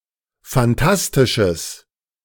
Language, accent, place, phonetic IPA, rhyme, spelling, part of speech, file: German, Germany, Berlin, [fanˈtastɪʃəs], -astɪʃəs, phantastisches, adjective, De-phantastisches.ogg
- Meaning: strong/mixed nominative/accusative neuter singular of phantastisch